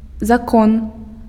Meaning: 1. law 2. rule
- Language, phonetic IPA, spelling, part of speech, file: Belarusian, [zaˈkon], закон, noun, Be-закон.ogg